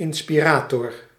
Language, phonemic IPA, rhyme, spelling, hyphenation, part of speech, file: Dutch, /ˌɪn.spiˈraː.tɔr/, -aːtɔr, inspirator, in‧spi‧ra‧tor, noun, Nl-inspirator.ogg
- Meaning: an inspirer, inspirator, one that gives (creative) inspiration